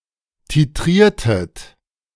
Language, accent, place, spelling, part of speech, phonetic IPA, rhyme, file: German, Germany, Berlin, titriertet, verb, [tiˈtʁiːɐ̯tət], -iːɐ̯tət, De-titriertet.ogg
- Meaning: inflection of titrieren: 1. second-person plural preterite 2. second-person plural subjunctive II